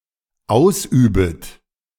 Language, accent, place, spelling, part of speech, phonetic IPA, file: German, Germany, Berlin, ausübet, verb, [ˈaʊ̯sˌʔyːbət], De-ausübet.ogg
- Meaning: second-person plural dependent subjunctive I of ausüben